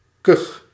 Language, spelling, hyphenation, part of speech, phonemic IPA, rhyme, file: Dutch, kuch, kuch, noun / verb, /kʏx/, -ʏx, Nl-kuch.ogg
- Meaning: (noun) cough; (verb) inflection of kuchen: 1. first-person singular present indicative 2. second-person singular present indicative 3. imperative